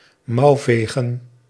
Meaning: to flatter, to sweet-talk
- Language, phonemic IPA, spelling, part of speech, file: Dutch, /ˈmɑuveɣə(n)/, mouwvegen, verb / noun, Nl-mouwvegen.ogg